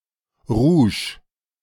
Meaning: rouge
- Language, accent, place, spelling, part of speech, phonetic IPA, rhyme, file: German, Germany, Berlin, Rouge, noun, [ʁuːʃ], -uːʃ, De-Rouge.ogg